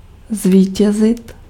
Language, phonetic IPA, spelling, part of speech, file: Czech, [ˈzviːcɛzɪt], zvítězit, verb, Cs-zvítězit.ogg
- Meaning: to win